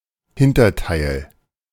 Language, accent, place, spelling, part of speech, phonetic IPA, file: German, Germany, Berlin, Hinterteil, noun, [ˈhɪntɐˌtaɪ̯l], De-Hinterteil.ogg
- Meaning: behind, hindquarter, butt